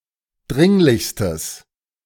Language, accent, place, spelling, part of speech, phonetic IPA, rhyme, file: German, Germany, Berlin, dringlichstes, adjective, [ˈdʁɪŋlɪçstəs], -ɪŋlɪçstəs, De-dringlichstes.ogg
- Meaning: strong/mixed nominative/accusative neuter singular superlative degree of dringlich